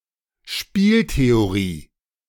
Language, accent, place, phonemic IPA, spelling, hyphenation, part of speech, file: German, Germany, Berlin, /ˈʃpiːlteoˌʁiː/, Spieltheorie, Spiel‧the‧o‧rie, noun, De-Spieltheorie.ogg
- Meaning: game theory